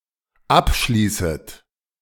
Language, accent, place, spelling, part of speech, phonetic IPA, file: German, Germany, Berlin, abschließet, verb, [ˈapˌʃliːsət], De-abschließet.ogg
- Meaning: second-person plural dependent subjunctive I of abschließen